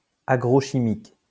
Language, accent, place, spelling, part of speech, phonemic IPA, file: French, France, Lyon, agrochimique, adjective, /a.ɡʁo.ʃi.mik/, LL-Q150 (fra)-agrochimique.wav
- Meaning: agrochemical